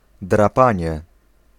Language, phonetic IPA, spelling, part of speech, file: Polish, [draˈpãɲɛ], drapanie, noun, Pl-drapanie.ogg